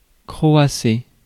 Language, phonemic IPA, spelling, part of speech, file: French, /kʁɔ.a.se/, croasser, verb, Fr-croasser.ogg
- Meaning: 1. to caw (of a crow, to make its cry) 2. to croak (of a frog, to make its cry)